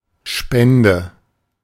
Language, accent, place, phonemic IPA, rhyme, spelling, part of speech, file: German, Germany, Berlin, /ˈʃpɛndə/, -ɛndə, Spende, noun, De-Spende.ogg
- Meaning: donation (that which is donated, given as charity; the act of donating)